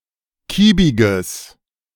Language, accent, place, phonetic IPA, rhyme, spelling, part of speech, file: German, Germany, Berlin, [ˈkiːbɪɡəs], -iːbɪɡəs, kiebiges, adjective, De-kiebiges.ogg
- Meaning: strong/mixed nominative/accusative neuter singular of kiebig